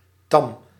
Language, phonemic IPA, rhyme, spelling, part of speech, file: Dutch, /tɑm/, -ɑm, tam, adjective, Nl-tam.ogg
- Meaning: 1. tame, not wild 2. boring, unexciting, bland